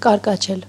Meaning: 1. to purl, to babble, to sough (of water) 2. to chirrup, to twitter, to chirp (of birds) 3. to laugh boisterously, to cackle, to guffaw 4. to resound, to reverberate 5. to chatter (of teeth)
- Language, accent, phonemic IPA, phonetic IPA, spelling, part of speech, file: Armenian, Eastern Armenian, /kɑɾkɑˈt͡ʃʰel/, [kɑɾkɑt͡ʃʰél], կարկաչել, verb, Hy-կարկաչել.ogg